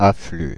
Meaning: inflection of affluer: 1. first/third-person singular present indicative/subjunctive 2. second-person singular imperative
- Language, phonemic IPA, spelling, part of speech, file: French, /a.fly/, afflue, verb, Fr-afflue.ogg